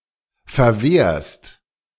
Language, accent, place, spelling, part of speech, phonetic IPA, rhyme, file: German, Germany, Berlin, verwehrst, verb, [fɛɐ̯ˈveːɐ̯st], -eːɐ̯st, De-verwehrst.ogg
- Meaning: second-person singular present of verwehren